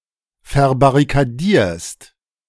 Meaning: second-person singular present of verbarrikadieren
- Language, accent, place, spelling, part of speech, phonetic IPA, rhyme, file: German, Germany, Berlin, verbarrikadierst, verb, [fɛɐ̯baʁikaˈdiːɐ̯st], -iːɐ̯st, De-verbarrikadierst.ogg